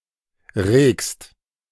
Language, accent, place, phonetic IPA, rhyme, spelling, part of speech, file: German, Germany, Berlin, [ʁeːkst], -eːkst, regst, verb, De-regst.ogg
- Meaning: second-person singular present of regen